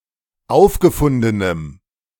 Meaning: strong dative masculine/neuter singular of aufgefunden
- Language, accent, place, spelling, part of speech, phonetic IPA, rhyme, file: German, Germany, Berlin, aufgefundenem, adjective, [ˈaʊ̯fɡəˌfʊndənəm], -aʊ̯fɡəfʊndənəm, De-aufgefundenem.ogg